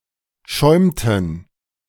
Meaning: inflection of schäumen: 1. first/third-person plural preterite 2. first/third-person plural subjunctive II
- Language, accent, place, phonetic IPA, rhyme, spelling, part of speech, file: German, Germany, Berlin, [ˈʃɔɪ̯mtn̩], -ɔɪ̯mtn̩, schäumten, verb, De-schäumten.ogg